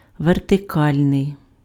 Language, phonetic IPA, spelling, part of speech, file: Ukrainian, [ʋerteˈkalʲnei̯], вертикальний, adjective, Uk-вертикальний.ogg
- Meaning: vertical